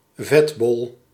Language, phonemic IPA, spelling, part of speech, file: Dutch, /ˈvɛtbɔl/, vetbol, noun, Nl-vetbol.ogg
- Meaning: suet cake, fat ball